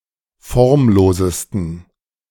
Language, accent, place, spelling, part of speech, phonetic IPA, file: German, Germany, Berlin, formlosesten, adjective, [ˈfɔʁmˌloːzəstn̩], De-formlosesten.ogg
- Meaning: 1. superlative degree of formlos 2. inflection of formlos: strong genitive masculine/neuter singular superlative degree